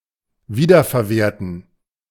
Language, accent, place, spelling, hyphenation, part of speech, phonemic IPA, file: German, Germany, Berlin, wiederverwerten, wie‧der‧ver‧wer‧ten, verb, /ˈviːdɐfɛɐ̯ˌveːɐ̯tn̩/, De-wiederverwerten.ogg
- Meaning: to recycle